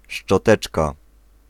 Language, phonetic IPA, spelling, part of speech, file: Polish, [ʃt͡ʃɔˈtɛt͡ʃka], szczoteczka, noun, Pl-szczoteczka.ogg